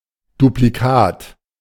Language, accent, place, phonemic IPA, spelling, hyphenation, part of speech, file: German, Germany, Berlin, /dupliˈkaːt/, Duplikat, Du‧pli‧kat, noun, De-Duplikat.ogg
- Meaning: duplicate